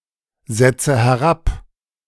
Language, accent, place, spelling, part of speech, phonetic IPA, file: German, Germany, Berlin, setze herab, verb, [ˌzɛt͡sə hɛˈʁap], De-setze herab.ogg
- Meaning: inflection of herabsetzen: 1. first-person singular present 2. first/third-person singular subjunctive I 3. singular imperative